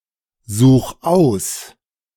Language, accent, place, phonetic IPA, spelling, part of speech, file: German, Germany, Berlin, [ˌzuːx ˈaʊ̯s], such aus, verb, De-such aus.ogg
- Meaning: 1. singular imperative of aussuchen 2. first-person singular present of aussuchen